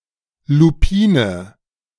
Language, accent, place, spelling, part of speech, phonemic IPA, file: German, Germany, Berlin, Lupine, noun, /luˈpiːnə/, De-Lupine.ogg
- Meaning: lupin